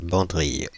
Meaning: banderilla
- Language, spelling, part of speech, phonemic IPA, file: French, banderille, noun, /bɑ̃.dʁij/, Fr-banderille.ogg